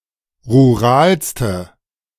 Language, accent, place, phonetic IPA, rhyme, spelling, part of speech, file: German, Germany, Berlin, [ʁuˈʁaːlstə], -aːlstə, ruralste, adjective, De-ruralste.ogg
- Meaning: inflection of rural: 1. strong/mixed nominative/accusative feminine singular superlative degree 2. strong nominative/accusative plural superlative degree